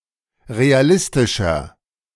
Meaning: 1. comparative degree of realistisch 2. inflection of realistisch: strong/mixed nominative masculine singular 3. inflection of realistisch: strong genitive/dative feminine singular
- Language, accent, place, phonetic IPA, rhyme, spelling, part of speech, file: German, Germany, Berlin, [ʁeaˈlɪstɪʃɐ], -ɪstɪʃɐ, realistischer, adjective, De-realistischer.ogg